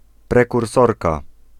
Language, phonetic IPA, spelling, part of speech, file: Polish, [ˌprɛkurˈsɔrka], prekursorka, noun, Pl-prekursorka.ogg